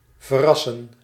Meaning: 1. to incinerate 2. to cremate 3. misspelling of verrassen
- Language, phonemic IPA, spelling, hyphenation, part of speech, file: Dutch, /vərˈɑ.sə(n)/, verassen, ver‧as‧sen, verb, Nl-verassen.ogg